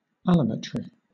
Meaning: 1. Disproportionate growth of a part of a living organism in relation to the whole 2. The science studying the differential growth rates of the parts of a living organism
- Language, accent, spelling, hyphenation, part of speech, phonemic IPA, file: English, Southern England, allometry, allo‧metry, noun, /ˈæləˌmɛtɹɪ/, LL-Q1860 (eng)-allometry.wav